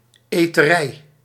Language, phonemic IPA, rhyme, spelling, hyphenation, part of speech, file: Dutch, /ˌeː.təˈrɛi̯/, -ɛi̯, eterij, ete‧rij, noun, Nl-eterij.ogg
- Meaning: 1. constant or excessive eating 2. a snackbar; bistro; small restaurant